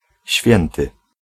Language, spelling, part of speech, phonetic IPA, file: Polish, święty, adjective / noun, [ˈɕfʲjɛ̃ntɨ], Pl-święty.ogg